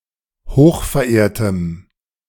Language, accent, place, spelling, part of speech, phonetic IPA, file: German, Germany, Berlin, hochverehrtem, adjective, [ˈhoːxfɛɐ̯ˌʔeːɐ̯təm], De-hochverehrtem.ogg
- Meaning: strong dative masculine/neuter singular of hochverehrt